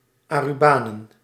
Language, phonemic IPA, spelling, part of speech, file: Dutch, /ˌaruˈbanə(n)/, Arubanen, noun, Nl-Arubanen.ogg
- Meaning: plural of Arubaan